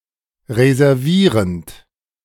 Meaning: present participle of reservieren
- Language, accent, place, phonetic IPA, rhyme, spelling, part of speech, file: German, Germany, Berlin, [ʁezɛʁˈviːʁənt], -iːʁənt, reservierend, verb, De-reservierend.ogg